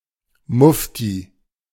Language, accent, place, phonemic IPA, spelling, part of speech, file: German, Germany, Berlin, /ˈmʊfti/, Mufti, noun, De-Mufti.ogg
- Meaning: 1. mufti (Muslim scholar) 2. a Muslim, particularly one wearing religious attire